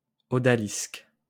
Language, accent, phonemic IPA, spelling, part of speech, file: French, France, /ɔ.da.lisk/, odalisque, noun, LL-Q150 (fra)-odalisque.wav
- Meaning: odalisque